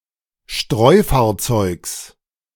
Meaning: genitive singular of Streufahrzeug
- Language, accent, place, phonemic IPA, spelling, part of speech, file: German, Germany, Berlin, /ˈʃtʁɔɪ̯faːɐ̯ˌt͡sɔɪ̯ks/, Streufahrzeugs, noun, De-Streufahrzeugs.ogg